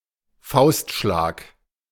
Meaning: punch
- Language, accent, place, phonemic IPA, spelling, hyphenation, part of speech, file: German, Germany, Berlin, /ˈfaʊ̯stˌʃlaːk/, Faustschlag, Faust‧schlag, noun, De-Faustschlag.ogg